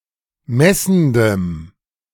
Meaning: strong dative masculine/neuter singular of messend
- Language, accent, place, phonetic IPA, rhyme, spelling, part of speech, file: German, Germany, Berlin, [ˈmɛsn̩dəm], -ɛsn̩dəm, messendem, adjective, De-messendem.ogg